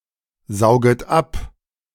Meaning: second-person plural subjunctive I of absaugen
- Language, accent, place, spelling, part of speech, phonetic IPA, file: German, Germany, Berlin, sauget ab, verb, [ˌzaʊ̯ɡət ˈap], De-sauget ab.ogg